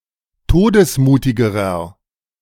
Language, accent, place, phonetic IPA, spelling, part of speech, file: German, Germany, Berlin, [ˈtoːdəsˌmuːtɪɡəʁɐ], todesmutigerer, adjective, De-todesmutigerer.ogg
- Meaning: inflection of todesmutig: 1. strong/mixed nominative masculine singular comparative degree 2. strong genitive/dative feminine singular comparative degree 3. strong genitive plural comparative degree